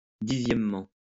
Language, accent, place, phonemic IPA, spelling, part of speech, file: French, France, Lyon, /di.zjɛm.mɑ̃/, dixièmement, adverb, LL-Q150 (fra)-dixièmement.wav
- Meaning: tenthly